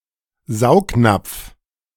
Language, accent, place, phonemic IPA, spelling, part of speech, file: German, Germany, Berlin, /ˈzaʊ̯kˌnapf/, Saugnapf, noun, De-Saugnapf.ogg
- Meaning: suction cup